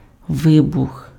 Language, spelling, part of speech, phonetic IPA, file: Ukrainian, вибух, noun / verb, [ˈʋɪbʊx], Uk-вибух.ogg
- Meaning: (noun) 1. explosion, blast 2. outburst, burst, eruption, explosion (sudden, often intense, expression or manifestation) 3. plosion